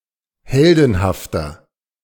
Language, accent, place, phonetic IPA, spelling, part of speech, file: German, Germany, Berlin, [ˈhɛldn̩haftɐ], heldenhafter, adjective, De-heldenhafter.ogg
- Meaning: 1. comparative degree of heldenhaft 2. inflection of heldenhaft: strong/mixed nominative masculine singular 3. inflection of heldenhaft: strong genitive/dative feminine singular